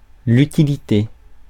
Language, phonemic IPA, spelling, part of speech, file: French, /y.ti.li.te/, utilité, noun, Fr-utilité.ogg
- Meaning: 1. usefulness, use 2. use, purpose 3. bit part 4. bit player